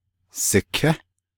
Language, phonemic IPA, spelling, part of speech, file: Navajo, /sɪ̀kʰɛ́/, siké, verb, Nv-siké.ogg
- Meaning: they (2 actors) are sitting, are at home, are waiting